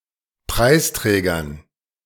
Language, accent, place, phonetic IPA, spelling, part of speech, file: German, Germany, Berlin, [ˈpʁaɪ̯sˌtʁɛːɡɐn], Preisträgern, noun, De-Preisträgern.ogg
- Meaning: dative plural of Preisträger